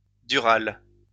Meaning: dural
- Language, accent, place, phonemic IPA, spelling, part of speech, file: French, France, Lyon, /dy.ʁal/, dural, adjective, LL-Q150 (fra)-dural.wav